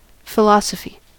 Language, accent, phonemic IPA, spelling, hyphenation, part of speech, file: English, General American, /fɪˈlɑ.sə.fi/, philosophy, phi‧los‧o‧phy, noun / verb, En-us-philosophy.ogg
- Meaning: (noun) An academic discipline that seeks truth through reasoning rather than empiricism, often attempting to provide explanations relating to general concepts such as existence and rationality